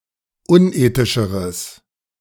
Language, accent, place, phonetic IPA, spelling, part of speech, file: German, Germany, Berlin, [ˈʊnˌʔeːtɪʃəʁəs], unethischeres, adjective, De-unethischeres.ogg
- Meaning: strong/mixed nominative/accusative neuter singular comparative degree of unethisch